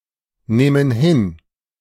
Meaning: first-person plural subjunctive II of hinnehmen
- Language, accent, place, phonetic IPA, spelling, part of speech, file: German, Germany, Berlin, [ˌnɛːmən ˈhɪn], nähmen hin, verb, De-nähmen hin.ogg